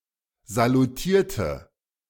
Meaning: inflection of salutieren: 1. first/third-person singular preterite 2. first/third-person singular subjunctive II
- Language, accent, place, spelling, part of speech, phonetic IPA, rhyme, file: German, Germany, Berlin, salutierte, adjective / verb, [zaluˈtiːɐ̯tə], -iːɐ̯tə, De-salutierte.ogg